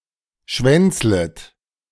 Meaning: second-person plural subjunctive I of schwänzeln
- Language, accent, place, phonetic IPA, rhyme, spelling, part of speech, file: German, Germany, Berlin, [ˈʃvɛnt͡slət], -ɛnt͡slət, schwänzlet, verb, De-schwänzlet.ogg